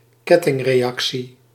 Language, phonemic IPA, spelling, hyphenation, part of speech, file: Dutch, /ˈkɛ.tɪŋ.reːˌɑk.si/, kettingreactie, ket‧ting‧re‧ac‧tie, noun, Nl-kettingreactie.ogg
- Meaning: 1. a chain reaction, a nuclear or chemical reaction 2. a chain reaction, a series of causally interconnected events